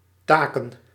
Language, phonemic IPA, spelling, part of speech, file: Dutch, /ˈtaːkə(n)/, taken, verb / noun, Nl-taken.ogg
- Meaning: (verb) 1. to take, to grasp 2. to touch; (noun) plural of taak